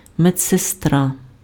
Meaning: nurse (female)
- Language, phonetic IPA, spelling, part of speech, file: Ukrainian, [med͡zseˈstra], медсестра, noun, Uk-медсестра.ogg